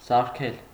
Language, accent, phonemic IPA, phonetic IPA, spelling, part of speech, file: Armenian, Eastern Armenian, /sɑɾˈkʰel/, [sɑɾkʰél], սարքել, verb, Hy-սարքել.ogg
- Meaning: 1. to repair 2. to make, to create